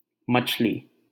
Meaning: fish
- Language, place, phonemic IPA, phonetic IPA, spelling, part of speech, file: Hindi, Delhi, /mət͡ʃʰ.liː/, [mɐt͡ʃʰ.liː], मछली, noun, LL-Q1568 (hin)-मछली.wav